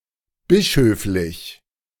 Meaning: episcopal
- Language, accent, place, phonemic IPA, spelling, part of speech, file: German, Germany, Berlin, /ˈbɪʃœflɪç/, bischöflich, adjective, De-bischöflich.ogg